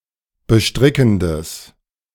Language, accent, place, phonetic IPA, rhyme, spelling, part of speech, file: German, Germany, Berlin, [bəˈʃtʁɪkn̩dəs], -ɪkn̩dəs, bestrickendes, adjective, De-bestrickendes.ogg
- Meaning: strong/mixed nominative/accusative neuter singular of bestrickend